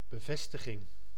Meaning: 1. confirmation 2. attachment
- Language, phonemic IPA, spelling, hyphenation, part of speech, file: Dutch, /bəˈvɛs.tə.ɣɪŋ/, bevestiging, be‧ves‧ti‧ging, noun, Nl-bevestiging.ogg